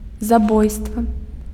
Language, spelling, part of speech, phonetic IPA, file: Belarusian, забойства, noun, [zaˈbojstva], Be-забойства.ogg
- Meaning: murder, assassination, killing